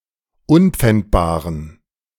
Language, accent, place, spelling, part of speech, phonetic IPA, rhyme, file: German, Germany, Berlin, unpfändbaren, adjective, [ˈʊnp͡fɛntbaːʁən], -ɛntbaːʁən, De-unpfändbaren.ogg
- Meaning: inflection of unpfändbar: 1. strong genitive masculine/neuter singular 2. weak/mixed genitive/dative all-gender singular 3. strong/weak/mixed accusative masculine singular 4. strong dative plural